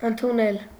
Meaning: 1. to receive, to take 2. to accept, to adopt 3. to acquire, to assume (a position, an office etc.) 4. to admit (a mistake, etc.) 5. to take for 6. to receive (visitors)
- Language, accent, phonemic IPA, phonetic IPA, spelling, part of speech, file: Armenian, Eastern Armenian, /əntʰuˈnel/, [əntʰunél], ընդունել, verb, Hy-ընդունել.ogg